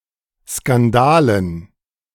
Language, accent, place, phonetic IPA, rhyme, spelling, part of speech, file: German, Germany, Berlin, [skanˈdaːlən], -aːlən, Skandalen, noun, De-Skandalen.ogg
- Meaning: dative plural of Skandal